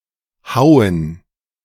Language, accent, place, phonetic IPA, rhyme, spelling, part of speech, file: German, Germany, Berlin, [ˈhaʊ̯ən], -aʊ̯ən, Hauen, noun, De-Hauen.ogg
- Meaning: plural of Haue